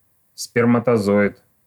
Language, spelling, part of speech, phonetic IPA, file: Russian, сперматозоид, noun, [spʲɪrmətɐˈzoɪt], Ru-сперматозоид.ogg
- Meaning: spermatozoon